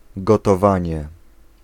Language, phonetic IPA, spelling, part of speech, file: Polish, [ˌɡɔtɔˈvãɲɛ], gotowanie, noun, Pl-gotowanie.ogg